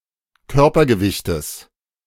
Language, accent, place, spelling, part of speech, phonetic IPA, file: German, Germany, Berlin, Körpergewichtes, noun, [ˈkœʁpɐɡəˌvɪçtəs], De-Körpergewichtes.ogg
- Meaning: genitive singular of Körpergewicht